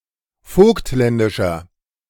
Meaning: inflection of vogtländisch: 1. strong/mixed nominative masculine singular 2. strong genitive/dative feminine singular 3. strong genitive plural
- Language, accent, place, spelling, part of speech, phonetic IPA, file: German, Germany, Berlin, vogtländischer, adjective, [ˈfoːktˌlɛndɪʃɐ], De-vogtländischer.ogg